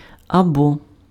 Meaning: or
- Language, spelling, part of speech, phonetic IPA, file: Ukrainian, або, conjunction, [ɐˈbɔ], Uk-або.ogg